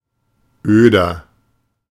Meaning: 1. comparative degree of öd 2. inflection of öd: strong/mixed nominative masculine singular 3. inflection of öd: strong genitive/dative feminine singular 4. inflection of öd: strong genitive plural
- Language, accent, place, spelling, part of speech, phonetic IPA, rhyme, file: German, Germany, Berlin, öder, adjective, [ˈøːdɐ], -øːdɐ, De-öder.ogg